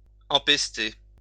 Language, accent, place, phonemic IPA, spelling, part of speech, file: French, France, Lyon, /ɑ̃.pɛs.te/, empester, verb, LL-Q150 (fra)-empester.wav
- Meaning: 1. to infect with a pest or with a contagious disease 2. to cause to stink, to cause to reek (of) 3. to stink, reek of